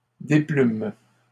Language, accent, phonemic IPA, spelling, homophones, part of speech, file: French, Canada, /de.plym/, déplument, déplume / déplumes, verb, LL-Q150 (fra)-déplument.wav
- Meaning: third-person plural present indicative/subjunctive of déplumer